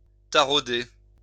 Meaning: 1. to tap (a nut); to thread (a screw) 2. to bore into 3. to torment, to prey on someone's mind
- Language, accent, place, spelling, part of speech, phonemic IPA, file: French, France, Lyon, tarauder, verb, /ta.ʁo.de/, LL-Q150 (fra)-tarauder.wav